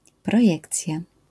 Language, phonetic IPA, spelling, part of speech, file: Polish, [prɔˈjɛkt͡sʲja], projekcja, noun, LL-Q809 (pol)-projekcja.wav